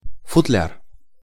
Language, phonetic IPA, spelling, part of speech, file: Russian, [fʊtˈlʲar], футляр, noun, Ru-футляр.ogg
- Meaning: case, sheath, étui (protective container)